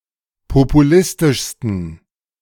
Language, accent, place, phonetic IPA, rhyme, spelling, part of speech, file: German, Germany, Berlin, [popuˈlɪstɪʃstn̩], -ɪstɪʃstn̩, populistischsten, adjective, De-populistischsten.ogg
- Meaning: 1. superlative degree of populistisch 2. inflection of populistisch: strong genitive masculine/neuter singular superlative degree